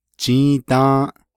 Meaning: today (the part that has already passed) (commonly placed at the beginning of the statement, as “today we did…”)
- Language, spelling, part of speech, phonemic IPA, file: Navajo, jį́į́dą́ą́ʼ, adverb, /t͡ʃĩ́ːtɑ̃́ːʔ/, Nv-jį́į́dą́ą́ʼ.ogg